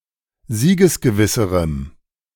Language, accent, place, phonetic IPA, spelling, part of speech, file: German, Germany, Berlin, [ˈziːɡəsɡəˌvɪsəʁəm], siegesgewisserem, adjective, De-siegesgewisserem.ogg
- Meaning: strong dative masculine/neuter singular comparative degree of siegesgewiss